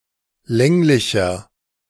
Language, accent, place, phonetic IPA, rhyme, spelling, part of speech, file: German, Germany, Berlin, [ˈlɛŋlɪçɐ], -ɛŋlɪçɐ, länglicher, adjective, De-länglicher.ogg
- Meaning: 1. comparative degree of länglich 2. inflection of länglich: strong/mixed nominative masculine singular 3. inflection of länglich: strong genitive/dative feminine singular